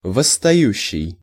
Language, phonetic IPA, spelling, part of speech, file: Russian, [vəsːtɐˈjʉɕːɪj], восстающий, verb, Ru-восстающий.ogg
- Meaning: present active imperfective participle of восстава́ть (vosstavátʹ)